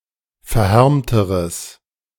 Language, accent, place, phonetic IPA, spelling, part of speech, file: German, Germany, Berlin, [fɛɐ̯ˈhɛʁmtəʁəs], verhärmteres, adjective, De-verhärmteres.ogg
- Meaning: strong/mixed nominative/accusative neuter singular comparative degree of verhärmt